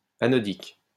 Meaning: anodic
- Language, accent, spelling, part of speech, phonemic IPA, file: French, France, anodique, adjective, /a.nɔ.dik/, LL-Q150 (fra)-anodique.wav